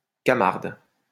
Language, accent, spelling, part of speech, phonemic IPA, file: French, France, camarde, adjective / noun, /ka.maʁd/, LL-Q150 (fra)-camarde.wav
- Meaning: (adjective) feminine singular of camard; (noun) 1. female equivalent of camard 2. Death (personification of death)